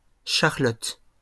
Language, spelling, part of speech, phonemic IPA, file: French, charlotte, noun, /ʃaʁ.lɔt/, LL-Q150 (fra)-charlotte.wav
- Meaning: 1. charlotte (dessert) 2. Charlotte hat, Charlotte bonnet, mob cap